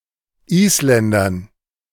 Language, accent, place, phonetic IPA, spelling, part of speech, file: German, Germany, Berlin, [ˈiːsˌlɛndɐn], Isländern, noun, De-Isländern.ogg
- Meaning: dative plural of Isländer